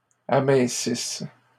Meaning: inflection of amincir: 1. third-person plural present indicative/subjunctive 2. third-person plural imperfect subjunctive
- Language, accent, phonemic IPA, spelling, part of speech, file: French, Canada, /a.mɛ̃.sis/, amincissent, verb, LL-Q150 (fra)-amincissent.wav